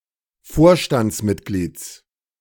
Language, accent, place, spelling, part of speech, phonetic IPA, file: German, Germany, Berlin, Vorstandsmitglieds, noun, [ˈfoːɐ̯ʃtant͡sˌmɪtɡliːt͡s], De-Vorstandsmitglieds.ogg
- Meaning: genitive singular of Vorstandsmitglied